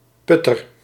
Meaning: 1. a European goldfinch, Eurasian goldfinch (Carduelis carduelis) 2. a putter, a golf club used to putt
- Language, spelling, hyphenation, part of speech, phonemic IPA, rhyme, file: Dutch, putter, put‧ter, noun, /ˈpʏ.tər/, -ʏtər, Nl-putter.ogg